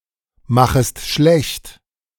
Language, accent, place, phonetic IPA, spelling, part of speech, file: German, Germany, Berlin, [ˌmaxəst ˈʃlɛçt], machest schlecht, verb, De-machest schlecht.ogg
- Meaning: second-person singular subjunctive I of schlechtmachen